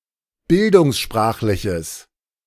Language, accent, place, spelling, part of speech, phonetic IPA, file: German, Germany, Berlin, bildungssprachliches, adjective, [ˈbɪldʊŋsˌʃpʁaːxlɪçəs], De-bildungssprachliches.ogg
- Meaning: strong/mixed nominative/accusative neuter singular of bildungssprachlich